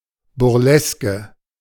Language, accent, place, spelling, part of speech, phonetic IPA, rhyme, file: German, Germany, Berlin, Burleske, noun, [ˌbʊʁˈlɛskə], -ɛskə, De-Burleske.ogg
- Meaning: burlesque